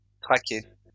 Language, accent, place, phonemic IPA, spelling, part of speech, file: French, France, Lyon, /tʁa.kɛ/, traquet, noun, LL-Q150 (fra)-traquet.wav
- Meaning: wheatear; stonechat